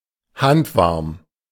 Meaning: lukewarm
- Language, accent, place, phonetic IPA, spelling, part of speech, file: German, Germany, Berlin, [ˈhantˌvaʁm], handwarm, adjective, De-handwarm.ogg